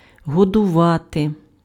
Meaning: 1. to feed, to nourish 2. to breastfeed, to suckle
- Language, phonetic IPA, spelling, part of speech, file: Ukrainian, [ɦɔdʊˈʋate], годувати, verb, Uk-годувати.ogg